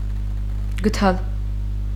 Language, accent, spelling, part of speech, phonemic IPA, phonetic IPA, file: Armenian, Eastern Armenian, գդալ, noun, /ɡəˈtʰɑl/, [ɡətʰɑ́l], Hy-գդալ.ogg
- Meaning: spoon